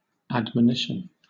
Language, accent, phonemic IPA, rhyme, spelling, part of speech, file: English, Southern England, /ˌædməˈnɪʃən/, -ɪʃən, admonition, noun, LL-Q1860 (eng)-admonition.wav
- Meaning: A rebuke by an authority that one has erred and should not persist in one's actions